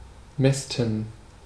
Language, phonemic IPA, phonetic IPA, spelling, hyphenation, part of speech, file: German, /ˈmɛstən/, [ˈmɛstn̩], mästen, mäs‧ten, verb, De-mästen.ogg
- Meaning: to fatten